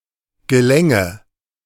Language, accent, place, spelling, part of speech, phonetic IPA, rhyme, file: German, Germany, Berlin, gelänge, verb, [ɡəˈlɛŋə], -ɛŋə, De-gelänge.ogg
- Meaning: first/third-person singular subjunctive II of gelingen